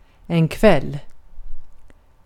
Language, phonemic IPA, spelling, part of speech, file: Swedish, /kvɛlː/, kväll, noun, Sv-kväll.ogg
- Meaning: 1. evening 2. evening: night (compare "all evening long" and the like – see also the usage notes for ikväll, which also apply here)